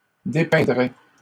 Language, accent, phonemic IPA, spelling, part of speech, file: French, Canada, /de.pɛ̃.dʁɛ/, dépeindraient, verb, LL-Q150 (fra)-dépeindraient.wav
- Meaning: third-person plural conditional of dépeindre